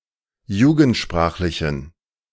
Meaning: inflection of jugendsprachlich: 1. strong genitive masculine/neuter singular 2. weak/mixed genitive/dative all-gender singular 3. strong/weak/mixed accusative masculine singular
- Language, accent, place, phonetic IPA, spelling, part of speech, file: German, Germany, Berlin, [ˈjuːɡn̩tˌʃpʁaːxlɪçn̩], jugendsprachlichen, adjective, De-jugendsprachlichen.ogg